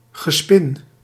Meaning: purring
- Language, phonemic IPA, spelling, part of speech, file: Dutch, /ɣəˈspɪn/, gespin, noun, Nl-gespin.ogg